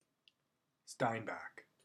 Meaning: 1. A surname from German 2. A suburb of Baden-Baden, Baden-Württemberg, Germany
- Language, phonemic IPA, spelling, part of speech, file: English, /ˈstaɪnbæk/, Steinbach, proper noun, En-Steinbach.oga